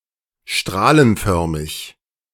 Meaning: radial
- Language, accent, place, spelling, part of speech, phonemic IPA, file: German, Germany, Berlin, strahlenförmig, adjective, /ˈʃtʁaːlənˌfœʁmɪç/, De-strahlenförmig.ogg